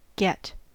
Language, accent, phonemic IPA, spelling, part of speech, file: English, General American, /ɡɛt/, get, verb / noun, En-us-get.ogg
- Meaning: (verb) 1. To obtain; to acquire 2. To receive 3. To have. See usage notes 4. To fetch, bring, take